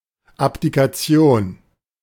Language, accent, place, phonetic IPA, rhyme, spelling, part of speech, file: German, Germany, Berlin, [ˌapdikaˈt͡si̯oːn], -oːn, Abdikation, noun, De-Abdikation.ogg
- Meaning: abdication